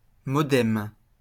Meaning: modem
- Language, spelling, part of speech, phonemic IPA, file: French, modem, noun, /mɔ.dɛm/, LL-Q150 (fra)-modem.wav